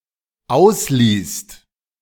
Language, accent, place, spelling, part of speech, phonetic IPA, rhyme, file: German, Germany, Berlin, ausließt, verb, [ˈaʊ̯sˌliːst], -aʊ̯sliːst, De-ausließt.ogg
- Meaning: second-person singular/plural dependent preterite of auslassen